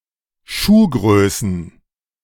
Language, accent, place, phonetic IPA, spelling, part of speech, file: German, Germany, Berlin, [ˈʃuːˌɡʁøːsn̩], Schuhgrößen, noun, De-Schuhgrößen.ogg
- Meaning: plural of Schuhgröße